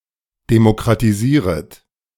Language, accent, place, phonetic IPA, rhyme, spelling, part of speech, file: German, Germany, Berlin, [demokʁatiˈziːʁət], -iːʁət, demokratisieret, verb, De-demokratisieret.ogg
- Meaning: second-person plural subjunctive I of demokratisieren